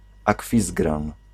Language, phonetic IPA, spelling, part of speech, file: Polish, [aˈkfʲizɡrãn], Akwizgran, proper noun, Pl-Akwizgran.ogg